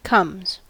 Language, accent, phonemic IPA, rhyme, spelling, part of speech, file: English, US, /kʌmz/, -ʌmz, comes, verb, En-us-comes.ogg
- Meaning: third-person singular simple present indicative of come